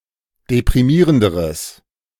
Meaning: strong/mixed nominative/accusative neuter singular comparative degree of deprimierend
- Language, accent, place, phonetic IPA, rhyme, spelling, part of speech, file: German, Germany, Berlin, [depʁiˈmiːʁəndəʁəs], -iːʁəndəʁəs, deprimierenderes, adjective, De-deprimierenderes.ogg